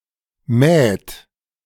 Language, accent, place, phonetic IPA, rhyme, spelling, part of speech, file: German, Germany, Berlin, [mɛːt], -ɛːt, mäht, verb, De-mäht.ogg
- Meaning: inflection of mähen: 1. third-person singular present 2. second-person plural present 3. plural imperative